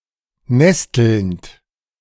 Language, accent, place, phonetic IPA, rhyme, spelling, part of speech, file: German, Germany, Berlin, [ˈnɛstl̩nt], -ɛstl̩nt, nestelnd, verb, De-nestelnd.ogg
- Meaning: present participle of nesteln